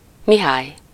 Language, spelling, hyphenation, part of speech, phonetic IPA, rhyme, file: Hungarian, Mihály, Mi‧hály, proper noun, [ˈmiɦaːj], -aːj, Hu-Mihály.ogg
- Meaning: 1. a male given name, equivalent to English Michael 2. a surname